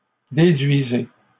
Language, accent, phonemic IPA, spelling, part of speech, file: French, Canada, /de.dɥi.ze/, déduisez, verb, LL-Q150 (fra)-déduisez.wav
- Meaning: inflection of déduire: 1. second-person plural present indicative 2. second-person plural imperative